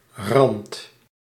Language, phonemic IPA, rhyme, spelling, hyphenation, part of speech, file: Dutch, /rɑnt/, -ɑnt, rand, rand, noun, Nl-rand.ogg
- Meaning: 1. edge, brink, rim 2. boundary